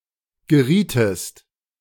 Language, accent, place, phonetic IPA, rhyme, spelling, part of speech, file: German, Germany, Berlin, [ɡəˈʁiːtəst], -iːtəst, gerietest, verb, De-gerietest.ogg
- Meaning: second-person singular subjunctive I of geraten